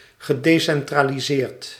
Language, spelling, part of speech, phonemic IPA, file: Dutch, gedecentraliseerd, verb, /ɣəˌdesɛnˌtraliˈzert/, Nl-gedecentraliseerd.ogg
- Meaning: past participle of decentraliseren